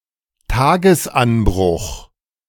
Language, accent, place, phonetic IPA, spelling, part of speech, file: German, Germany, Berlin, [ˈtaːɡəsˌʔanbʁʊx], Tagesanbruch, noun, De-Tagesanbruch.ogg
- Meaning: dawn (rising of the sun)